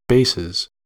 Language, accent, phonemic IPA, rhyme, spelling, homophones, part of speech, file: English, US, /ˈbeɪsɪz/, -eɪsɪz, bases, basses, noun / verb, En-us-bases.ogg
- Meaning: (noun) plural of base; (verb) third-person singular simple present indicative of base